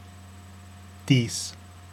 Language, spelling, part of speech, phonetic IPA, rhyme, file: Icelandic, dís, noun, [ˈtiːs], -iːs, Is-dís.oga
- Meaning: 1. goddess, fairy; dis 2. D sharp